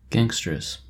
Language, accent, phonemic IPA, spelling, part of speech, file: English, US, /ˌɡæŋstəˈɹɛs/, gangsteress, noun, En-us-gangsteress.oga
- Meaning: A female gangster